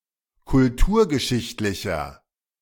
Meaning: inflection of kulturgeschichtlich: 1. strong/mixed nominative masculine singular 2. strong genitive/dative feminine singular 3. strong genitive plural
- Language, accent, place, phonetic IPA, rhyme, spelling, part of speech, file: German, Germany, Berlin, [kʊlˈtuːɐ̯ɡəˌʃɪçtlɪçɐ], -uːɐ̯ɡəʃɪçtlɪçɐ, kulturgeschichtlicher, adjective, De-kulturgeschichtlicher.ogg